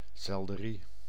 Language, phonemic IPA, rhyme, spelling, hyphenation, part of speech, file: Dutch, /ˌsɛl.dəˈri/, -i, selderie, sel‧de‧rie, noun, Nl-selderie.ogg
- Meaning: alternative form of selderij